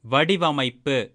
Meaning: design
- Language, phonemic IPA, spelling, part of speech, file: Tamil, /ʋɐɖɪʋɐmɐɪ̯pːɯ/, வடிவமைப்பு, noun, Ta-வடிவமைப்பு.ogg